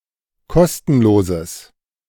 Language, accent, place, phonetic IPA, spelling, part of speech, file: German, Germany, Berlin, [ˈkɔstn̩loːzəs], kostenloses, adjective, De-kostenloses.ogg
- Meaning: strong/mixed nominative/accusative neuter singular of kostenlos